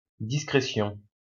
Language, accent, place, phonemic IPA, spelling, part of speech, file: French, France, Lyon, /dis.kʁe.sjɔ̃/, discrétion, noun, LL-Q150 (fra)-discrétion.wav
- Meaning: discretion